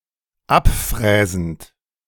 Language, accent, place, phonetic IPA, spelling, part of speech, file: German, Germany, Berlin, [ˈapˌfʁɛːzn̩t], abfräsend, verb, De-abfräsend.ogg
- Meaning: present participle of abfräsen